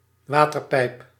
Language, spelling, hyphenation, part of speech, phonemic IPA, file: Dutch, waterpijp, wa‧ter‧pijp, noun, /ˈʋaː.tərˌpɛi̯p/, Nl-waterpijp.ogg
- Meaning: 1. tube (conduit) for transporting or containing water 2. water pipe, hookah